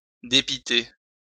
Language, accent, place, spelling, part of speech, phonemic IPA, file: French, France, Lyon, dépiter, verb, /de.pi.te/, LL-Q150 (fra)-dépiter.wav
- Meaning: 1. to vex greatly, frustrate greatly 2. to get annoyed